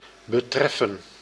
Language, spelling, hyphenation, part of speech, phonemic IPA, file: Dutch, betreffen, be‧tref‧fen, verb, /bəˈtrɛfə(n)/, Nl-betreffen.ogg
- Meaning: to concern, to affect